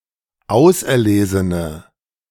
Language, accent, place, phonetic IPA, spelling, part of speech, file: German, Germany, Berlin, [ˈaʊ̯sʔɛɐ̯ˌleːzənə], auserlesene, adjective, De-auserlesene.ogg
- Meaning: inflection of auserlesen: 1. strong/mixed nominative/accusative feminine singular 2. strong nominative/accusative plural 3. weak nominative all-gender singular